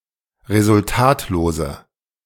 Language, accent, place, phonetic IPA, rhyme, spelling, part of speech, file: German, Germany, Berlin, [ʁezʊlˈtaːtloːzə], -aːtloːzə, resultatlose, adjective, De-resultatlose.ogg
- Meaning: inflection of resultatlos: 1. strong/mixed nominative/accusative feminine singular 2. strong nominative/accusative plural 3. weak nominative all-gender singular